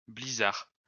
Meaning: blizzard
- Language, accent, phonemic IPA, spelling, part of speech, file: French, France, /bli.zaʁ/, blizzard, noun, LL-Q150 (fra)-blizzard.wav